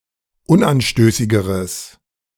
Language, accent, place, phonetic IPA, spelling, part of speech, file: German, Germany, Berlin, [ˈʊnʔanˌʃtøːsɪɡəʁəs], unanstößigeres, adjective, De-unanstößigeres.ogg
- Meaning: strong/mixed nominative/accusative neuter singular comparative degree of unanstößig